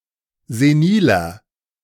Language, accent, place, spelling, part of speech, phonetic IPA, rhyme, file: German, Germany, Berlin, seniler, adjective, [zeˈniːlɐ], -iːlɐ, De-seniler.ogg
- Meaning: 1. comparative degree of senil 2. inflection of senil: strong/mixed nominative masculine singular 3. inflection of senil: strong genitive/dative feminine singular